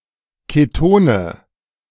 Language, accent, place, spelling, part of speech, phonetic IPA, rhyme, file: German, Germany, Berlin, Ketone, noun, [keˈtoːnə], -oːnə, De-Ketone.ogg
- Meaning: nominative/accusative/genitive plural of Keton